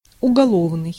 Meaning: crime; criminal, penal (being against the law)
- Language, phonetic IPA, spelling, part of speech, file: Russian, [ʊɡɐˈɫovnɨj], уголовный, adjective, Ru-уголовный.ogg